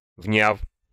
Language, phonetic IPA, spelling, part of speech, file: Russian, [vnʲaf], вняв, verb, Ru-вняв.ogg
- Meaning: short past adverbial perfective participle of внять (vnjatʹ)